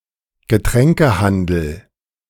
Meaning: beverage store (store selling alcoholic and non-alcoholic beverages)
- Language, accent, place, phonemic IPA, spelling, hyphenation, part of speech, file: German, Germany, Berlin, /ɡəˈtʁɛŋkəˌhandəl/, Getränkehandel, Ge‧trän‧ke‧han‧del, noun, De-Getränkehandel.ogg